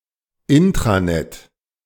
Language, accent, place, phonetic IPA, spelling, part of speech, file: German, Germany, Berlin, [ˈɪntʁaˌnɛt], Intranet, noun, De-Intranet.ogg
- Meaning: intranet